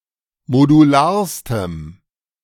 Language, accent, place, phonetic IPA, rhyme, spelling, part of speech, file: German, Germany, Berlin, [moduˈlaːɐ̯stəm], -aːɐ̯stəm, modularstem, adjective, De-modularstem.ogg
- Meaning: strong dative masculine/neuter singular superlative degree of modular